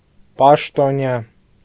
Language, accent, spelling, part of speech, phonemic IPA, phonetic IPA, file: Armenian, Eastern Armenian, պաշտոնյա, noun, /pɑʃtoˈnjɑ/, [pɑʃtonjɑ́], Hy-պաշտոնյա.ogg
- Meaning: official, public officer